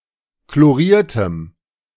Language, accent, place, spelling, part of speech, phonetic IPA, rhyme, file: German, Germany, Berlin, chloriertem, adjective, [kloˈʁiːɐ̯təm], -iːɐ̯təm, De-chloriertem.ogg
- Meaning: strong dative masculine/neuter singular of chloriert